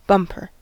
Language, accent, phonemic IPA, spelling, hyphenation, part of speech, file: English, General American, /ˈbʌmpəɹ/, bumper, bump‧er, noun / adjective / verb, En-us-bumper.ogg
- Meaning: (noun) 1. Someone or something that bumps 2. A drinking vessel filled to the brim 3. Anything large or successful